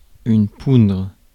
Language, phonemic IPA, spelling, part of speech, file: French, /pudʁ/, poudre, noun, Fr-poudre.ogg
- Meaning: 1. dust 2. powder